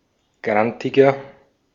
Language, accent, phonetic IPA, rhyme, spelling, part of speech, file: German, Austria, [ˈɡʁantɪɡɐ], -antɪɡɐ, grantiger, adjective, De-at-grantiger.ogg
- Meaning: 1. comparative degree of grantig 2. inflection of grantig: strong/mixed nominative masculine singular 3. inflection of grantig: strong genitive/dative feminine singular